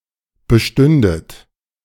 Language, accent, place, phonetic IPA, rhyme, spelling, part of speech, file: German, Germany, Berlin, [bəˈʃtʏndət], -ʏndət, bestündet, verb, De-bestündet.ogg
- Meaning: second-person plural subjunctive II of bestehen